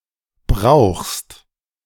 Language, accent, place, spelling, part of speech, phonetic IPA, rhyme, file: German, Germany, Berlin, brauchst, verb, [bʁaʊ̯xst], -aʊ̯xst, De-brauchst.ogg
- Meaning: second-person singular present of brauchen